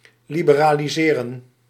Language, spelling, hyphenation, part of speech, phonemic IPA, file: Dutch, liberaliseren, li‧be‧ra‧li‧se‧ren, verb, /ˌli.bə.raː.liˈzeː.rə(n)/, Nl-liberaliseren.ogg
- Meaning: to liberalize